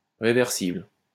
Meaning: reversible (capable of being reversed or inverted)
- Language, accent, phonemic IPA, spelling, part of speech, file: French, France, /ʁe.vɛʁ.sibl/, réversible, adjective, LL-Q150 (fra)-réversible.wav